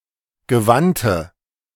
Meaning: inflection of gewandt: 1. strong/mixed nominative/accusative feminine singular 2. strong nominative/accusative plural 3. weak nominative all-gender singular 4. weak accusative feminine/neuter singular
- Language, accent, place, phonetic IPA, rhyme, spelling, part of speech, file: German, Germany, Berlin, [ɡəˈvantə], -antə, gewandte, adjective, De-gewandte.ogg